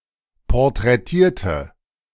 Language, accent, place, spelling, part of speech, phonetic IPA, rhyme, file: German, Germany, Berlin, porträtierte, adjective / verb, [pɔʁtʁɛˈtiːɐ̯tə], -iːɐ̯tə, De-porträtierte.ogg
- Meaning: inflection of porträtieren: 1. first/third-person singular preterite 2. first/third-person singular subjunctive II